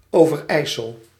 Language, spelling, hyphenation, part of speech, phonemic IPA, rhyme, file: Dutch, Overijssel, Over‧ijs‧sel, proper noun, /ˌoːvəˈrɛi̯səl/, -ɛi̯səl, Nl-Overijssel.ogg
- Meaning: Overijssel (a province of the Netherlands)